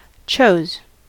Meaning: 1. simple past of choose and (archaic spelling) chuse 2. past participle of choose
- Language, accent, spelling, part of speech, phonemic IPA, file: English, US, chose, verb, /t͡ʃoʊz/, En-us-chose.ogg